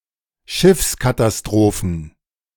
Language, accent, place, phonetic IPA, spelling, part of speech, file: German, Germany, Berlin, [ˈʃɪfskatasˌtʁoːfn̩], Schiffskatastrophen, noun, De-Schiffskatastrophen.ogg
- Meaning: plural of Schiffskatastrophe